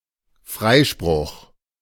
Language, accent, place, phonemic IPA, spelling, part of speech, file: German, Germany, Berlin, /ˈfʁaɪ̯ʃpʁʊx/, Freispruch, noun, De-Freispruch.ogg
- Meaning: 1. acquittal 2. absolution